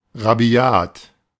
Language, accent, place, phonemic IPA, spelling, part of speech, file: German, Germany, Berlin, /ʁaˈbi̯aːt/, rabiat, adjective, De-rabiat.ogg
- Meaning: 1. coarse, rough, brutal 2. angry, wild, rabid 3. severe, rigorous